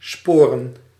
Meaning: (verb) 1. to spur 2. to agree, to align 3. to be sane 4. to travel by rail; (noun) plural of spoor
- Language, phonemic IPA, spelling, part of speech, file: Dutch, /ˈspoːrə(n)/, sporen, verb / noun, Nl-sporen.ogg